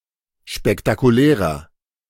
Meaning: 1. comparative degree of spektakulär 2. inflection of spektakulär: strong/mixed nominative masculine singular 3. inflection of spektakulär: strong genitive/dative feminine singular
- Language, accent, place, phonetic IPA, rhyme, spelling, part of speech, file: German, Germany, Berlin, [ʃpɛktakuˈlɛːʁɐ], -ɛːʁɐ, spektakulärer, adjective, De-spektakulärer.ogg